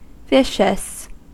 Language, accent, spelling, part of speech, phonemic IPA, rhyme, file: English, US, vicious, adjective, /ˈvɪʃəs/, -ɪʃəs, En-us-vicious.ogg
- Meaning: 1. Violent, destructive and cruel 2. Savage and aggressive 3. Pertaining to vice; characterised by immorality or depravity